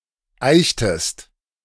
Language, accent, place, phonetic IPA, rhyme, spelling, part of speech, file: German, Germany, Berlin, [ˈaɪ̯çtəst], -aɪ̯çtəst, eichtest, verb, De-eichtest.ogg
- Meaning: inflection of eichen: 1. second-person singular preterite 2. second-person singular subjunctive II